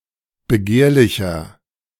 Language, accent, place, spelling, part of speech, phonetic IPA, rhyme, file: German, Germany, Berlin, begehrlicher, adjective, [bəˈɡeːɐ̯lɪçɐ], -eːɐ̯lɪçɐ, De-begehrlicher.ogg
- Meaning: 1. comparative degree of begehrlich 2. inflection of begehrlich: strong/mixed nominative masculine singular 3. inflection of begehrlich: strong genitive/dative feminine singular